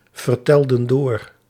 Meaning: inflection of doorvertellen: 1. plural past indicative 2. plural past subjunctive
- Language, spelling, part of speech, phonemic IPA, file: Dutch, vertelden door, verb, /vərˈtɛldə(n) ˈdor/, Nl-vertelden door.ogg